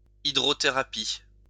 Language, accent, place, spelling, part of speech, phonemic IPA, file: French, France, Lyon, hydrothérapie, noun, /i.dʁɔ.te.ʁa.pi/, LL-Q150 (fra)-hydrothérapie.wav
- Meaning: hydrotherapy